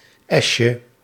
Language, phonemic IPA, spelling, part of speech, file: Dutch, /ˈɛʃə/, esje, noun, Nl-esje.ogg
- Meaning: diminutive of es